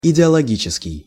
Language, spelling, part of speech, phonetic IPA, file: Russian, идеологический, adjective, [ɪdʲɪəɫɐˈɡʲit͡ɕɪskʲɪj], Ru-идеологический.ogg
- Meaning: ideological